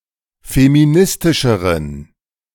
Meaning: inflection of feministisch: 1. strong genitive masculine/neuter singular comparative degree 2. weak/mixed genitive/dative all-gender singular comparative degree
- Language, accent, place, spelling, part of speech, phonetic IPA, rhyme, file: German, Germany, Berlin, feministischeren, adjective, [femiˈnɪstɪʃəʁən], -ɪstɪʃəʁən, De-feministischeren.ogg